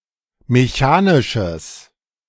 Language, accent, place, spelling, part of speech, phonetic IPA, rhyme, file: German, Germany, Berlin, mechanisches, adjective, [meˈçaːnɪʃəs], -aːnɪʃəs, De-mechanisches.ogg
- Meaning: strong/mixed nominative/accusative neuter singular of mechanisch